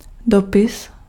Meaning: letter (written message)
- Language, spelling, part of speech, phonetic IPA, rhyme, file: Czech, dopis, noun, [ˈdopɪs], -opɪs, Cs-dopis.ogg